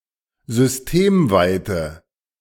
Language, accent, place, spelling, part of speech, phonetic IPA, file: German, Germany, Berlin, systemweite, adjective, [zʏsˈteːmˌvaɪ̯tə], De-systemweite.ogg
- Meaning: inflection of systemweit: 1. strong/mixed nominative/accusative feminine singular 2. strong nominative/accusative plural 3. weak nominative all-gender singular